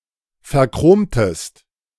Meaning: inflection of verchromen: 1. second-person singular preterite 2. second-person singular subjunctive II
- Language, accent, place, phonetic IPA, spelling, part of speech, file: German, Germany, Berlin, [fɛɐ̯ˈkʁoːmtəst], verchromtest, verb, De-verchromtest.ogg